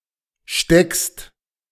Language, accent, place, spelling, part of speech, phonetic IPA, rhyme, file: German, Germany, Berlin, steckst, verb, [ʃtɛkst], -ɛkst, De-steckst.ogg
- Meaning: second-person singular present of stecken